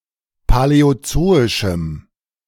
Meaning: strong dative masculine/neuter singular of paläozoisch
- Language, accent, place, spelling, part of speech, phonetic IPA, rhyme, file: German, Germany, Berlin, paläozoischem, adjective, [palɛoˈt͡soːɪʃm̩], -oːɪʃm̩, De-paläozoischem.ogg